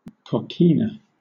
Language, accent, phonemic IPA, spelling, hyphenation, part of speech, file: English, Southern England, /kɒˈkiː.nə/, coquina, co‧qui‧na, noun, LL-Q1860 (eng)-coquina.wav
- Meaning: Any of several small marine clams, of the species Donax variabilis, common in United States coastal waters